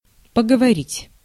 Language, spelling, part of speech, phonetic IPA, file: Russian, поговорить, verb, [pəɡəvɐˈrʲitʲ], Ru-поговорить.ogg
- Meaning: 1. to have a conversation, to talk (used with с кем (s kem)) 2. to talk (that lasts only a certain amount of time) (see по- (po-))